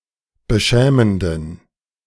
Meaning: inflection of beschämend: 1. strong genitive masculine/neuter singular 2. weak/mixed genitive/dative all-gender singular 3. strong/weak/mixed accusative masculine singular 4. strong dative plural
- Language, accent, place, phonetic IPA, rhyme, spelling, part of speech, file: German, Germany, Berlin, [bəˈʃɛːməndn̩], -ɛːməndn̩, beschämenden, adjective, De-beschämenden.ogg